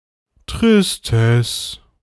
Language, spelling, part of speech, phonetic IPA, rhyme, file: German, Tristesse, noun, [tʁɪsˈtɛs], -ɛs, De-Tristesse.ogg
- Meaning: sadness, misery